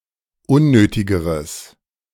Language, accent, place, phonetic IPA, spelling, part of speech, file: German, Germany, Berlin, [ˈʊnˌnøːtɪɡəʁəs], unnötigeres, adjective, De-unnötigeres.ogg
- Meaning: strong/mixed nominative/accusative neuter singular comparative degree of unnötig